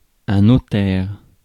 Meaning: 1. notary 2. solicitor
- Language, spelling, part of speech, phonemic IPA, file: French, notaire, noun, /nɔ.tɛʁ/, Fr-notaire.ogg